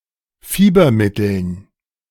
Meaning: dative plural of Fiebermittel
- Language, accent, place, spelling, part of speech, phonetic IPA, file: German, Germany, Berlin, Fiebermitteln, noun, [ˈfiːbɐˌmɪtl̩n], De-Fiebermitteln.ogg